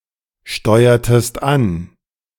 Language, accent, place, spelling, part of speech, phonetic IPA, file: German, Germany, Berlin, steuertest an, verb, [ˌʃtɔɪ̯ɐtəst ˈan], De-steuertest an.ogg
- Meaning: inflection of ansteuern: 1. second-person singular preterite 2. second-person singular subjunctive II